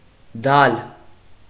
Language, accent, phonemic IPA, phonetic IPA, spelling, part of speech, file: Armenian, Eastern Armenian, /dɑl/, [dɑl], դալ, noun, Hy-դալ.ogg
- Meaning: 1. colostrum, beestings 2. a food made of cooked colostrum